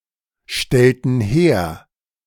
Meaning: inflection of herstellen: 1. first/third-person plural preterite 2. first/third-person plural subjunctive II
- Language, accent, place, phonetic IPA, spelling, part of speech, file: German, Germany, Berlin, [ˌʃtɛltn̩ ˈheːɐ̯], stellten her, verb, De-stellten her.ogg